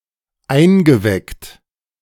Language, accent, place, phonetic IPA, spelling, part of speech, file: German, Germany, Berlin, [ˈaɪ̯nɡəˌvɛkt], eingeweckt, verb, De-eingeweckt.ogg
- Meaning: past participle of einwecken